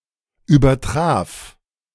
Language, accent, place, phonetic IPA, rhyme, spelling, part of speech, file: German, Germany, Berlin, [yːbɐˈtʁaːf], -aːf, übertraf, verb, De-übertraf.ogg
- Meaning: first/third-person singular preterite of übertreffen